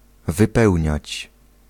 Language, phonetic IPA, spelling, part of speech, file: Polish, [vɨˈpɛwʲɲät͡ɕ], wypełniać, verb, Pl-wypełniać.ogg